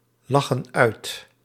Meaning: inflection of uitlachen: 1. plural present indicative 2. plural present subjunctive
- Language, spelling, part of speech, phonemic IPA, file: Dutch, lachen uit, verb, /ˈlɑxə(n) ˈœyt/, Nl-lachen uit.ogg